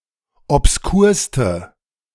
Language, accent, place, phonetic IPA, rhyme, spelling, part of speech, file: German, Germany, Berlin, [ɔpsˈkuːɐ̯stə], -uːɐ̯stə, obskurste, adjective, De-obskurste.ogg
- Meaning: inflection of obskur: 1. strong/mixed nominative/accusative feminine singular superlative degree 2. strong nominative/accusative plural superlative degree